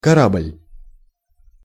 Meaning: 1. ship, liner 2. warship 3. airliner, (large) aircraft (e.g. large passenger airplane, military transport, or bomber) 4. nave 5. matchbox of marijuana 6. a community of the Khlyst movement members
- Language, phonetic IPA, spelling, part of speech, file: Russian, [kɐˈrablʲ], корабль, noun, Ru-корабль.ogg